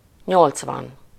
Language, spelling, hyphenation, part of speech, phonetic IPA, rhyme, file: Hungarian, nyolcvan, nyolc‧van, numeral, [ˈɲolt͡svɒn], -ɒn, Hu-nyolcvan.ogg
- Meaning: eighty